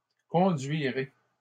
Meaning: first-person singular future of conduire
- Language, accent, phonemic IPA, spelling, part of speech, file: French, Canada, /kɔ̃.dɥi.ʁe/, conduirai, verb, LL-Q150 (fra)-conduirai.wav